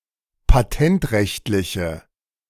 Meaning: inflection of patentrechtlich: 1. strong/mixed nominative/accusative feminine singular 2. strong nominative/accusative plural 3. weak nominative all-gender singular
- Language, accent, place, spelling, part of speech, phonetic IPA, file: German, Germany, Berlin, patentrechtliche, adjective, [paˈtɛntˌʁɛçtlɪçə], De-patentrechtliche.ogg